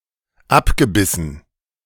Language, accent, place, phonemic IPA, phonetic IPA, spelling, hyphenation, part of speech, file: German, Germany, Berlin, /ˈabɡəˌbisən/, [ˈʔapɡəˌbisn̩], abgebissen, ab‧ge‧bis‧sen, verb, De-abgebissen.ogg
- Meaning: past participle of abbeißen